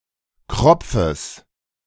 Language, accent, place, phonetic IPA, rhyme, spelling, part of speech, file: German, Germany, Berlin, [ˈkʁɔp͡fəs], -ɔp͡fəs, Kropfes, noun, De-Kropfes.ogg
- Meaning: genitive singular of Kropf